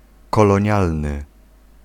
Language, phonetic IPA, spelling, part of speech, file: Polish, [ˌkɔlɔ̃ˈɲalnɨ], kolonialny, adjective, Pl-kolonialny.ogg